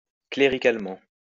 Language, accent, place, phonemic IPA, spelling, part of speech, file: French, France, Lyon, /kle.ʁi.kal.mɑ̃/, cléricalement, adverb, LL-Q150 (fra)-cléricalement.wav
- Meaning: clerically